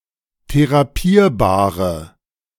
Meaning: inflection of therapierbar: 1. strong/mixed nominative/accusative feminine singular 2. strong nominative/accusative plural 3. weak nominative all-gender singular
- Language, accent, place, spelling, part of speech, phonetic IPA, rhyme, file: German, Germany, Berlin, therapierbare, adjective, [teʁaˈpiːɐ̯baːʁə], -iːɐ̯baːʁə, De-therapierbare.ogg